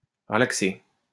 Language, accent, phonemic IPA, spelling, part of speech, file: French, France, /ʁə.lak.se/, relaxer, verb, LL-Q150 (fra)-relaxer.wav
- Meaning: 1. to discharge 2. to relax